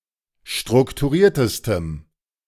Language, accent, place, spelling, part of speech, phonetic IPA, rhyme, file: German, Germany, Berlin, strukturiertestem, adjective, [ˌʃtʁʊktuˈʁiːɐ̯təstəm], -iːɐ̯təstəm, De-strukturiertestem.ogg
- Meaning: strong dative masculine/neuter singular superlative degree of strukturiert